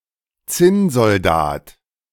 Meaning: tin soldier
- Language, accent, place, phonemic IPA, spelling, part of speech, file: German, Germany, Berlin, /ˈt͡sɪnzɔlˌdaːt/, Zinnsoldat, noun, De-Zinnsoldat.ogg